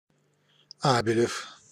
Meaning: abelian
- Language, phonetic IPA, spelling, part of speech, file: Russian, [ˈabʲɪlʲɪf], абелев, adjective, Ru-абелев.ogg